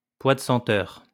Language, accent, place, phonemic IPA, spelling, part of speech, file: French, France, Lyon, /pwa d(ə) sɑ̃.tœʁ/, pois de senteur, noun, LL-Q150 (fra)-pois de senteur.wav
- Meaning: sweet pea